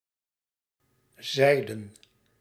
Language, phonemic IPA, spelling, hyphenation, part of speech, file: Dutch, /ˈzɛi̯.də(n)/, zijden, zij‧den, adjective / noun, Nl-zijden.ogg
- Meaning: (adjective) 1. made of silk, silken 2. like silk, silky; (noun) plural of zijde